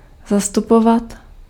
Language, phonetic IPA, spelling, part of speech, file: Czech, [ˈzastupovat], zastupovat, verb, Cs-zastupovat.ogg
- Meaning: to represent (to stand in the place of)